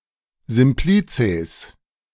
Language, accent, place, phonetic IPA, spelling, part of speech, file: German, Germany, Berlin, [ˈzɪmplit͡seːs], Simplizes, noun, De-Simplizes.ogg
- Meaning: plural of Simplex